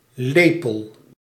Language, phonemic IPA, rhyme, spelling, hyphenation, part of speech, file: Dutch, /ˈleː.pəl/, -eːpəl, lepel, le‧pel, noun, Nl-lepel.ogg
- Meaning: spoon